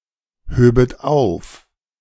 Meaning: second-person plural subjunctive II of aufheben
- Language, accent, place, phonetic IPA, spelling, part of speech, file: German, Germany, Berlin, [ˌhøːbət ˈaʊ̯f], höbet auf, verb, De-höbet auf.ogg